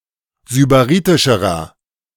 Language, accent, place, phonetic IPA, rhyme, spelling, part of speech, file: German, Germany, Berlin, [zybaˈʁiːtɪʃəʁɐ], -iːtɪʃəʁɐ, sybaritischerer, adjective, De-sybaritischerer.ogg
- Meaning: inflection of sybaritisch: 1. strong/mixed nominative masculine singular comparative degree 2. strong genitive/dative feminine singular comparative degree 3. strong genitive plural comparative degree